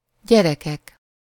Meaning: nominative plural of gyerek
- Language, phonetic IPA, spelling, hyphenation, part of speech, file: Hungarian, [ˈɟɛrɛkɛk], gyerekek, gye‧re‧kek, noun, Hu-gyerekek.ogg